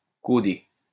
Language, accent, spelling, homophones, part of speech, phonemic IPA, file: French, France, caudé, caudée / caudées / caudés, adjective, /ko.de/, LL-Q150 (fra)-caudé.wav
- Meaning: 1. caudate 2. tailed, having a tail